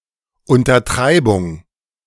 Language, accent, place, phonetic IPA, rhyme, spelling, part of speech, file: German, Germany, Berlin, [ˌʊntɐˈtʁaɪ̯bʊŋ], -aɪ̯bʊŋ, Untertreibung, noun, De-Untertreibung.ogg
- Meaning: understatement, trivialization